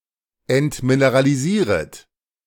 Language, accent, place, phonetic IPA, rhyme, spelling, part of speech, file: German, Germany, Berlin, [ɛntmineʁaliˈziːʁət], -iːʁət, entmineralisieret, verb, De-entmineralisieret.ogg
- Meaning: second-person plural subjunctive I of entmineralisieren